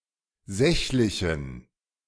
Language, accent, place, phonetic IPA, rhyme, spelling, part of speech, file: German, Germany, Berlin, [ˈzɛçlɪçn̩], -ɛçlɪçn̩, sächlichen, adjective, De-sächlichen.ogg
- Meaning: inflection of sächlich: 1. strong genitive masculine/neuter singular 2. weak/mixed genitive/dative all-gender singular 3. strong/weak/mixed accusative masculine singular 4. strong dative plural